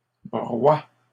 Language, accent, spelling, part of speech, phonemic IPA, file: French, Canada, broie, verb, /bʁwa/, LL-Q150 (fra)-broie.wav
- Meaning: inflection of broyer: 1. first/third-person singular present indicative/subjunctive 2. second-person singular imperative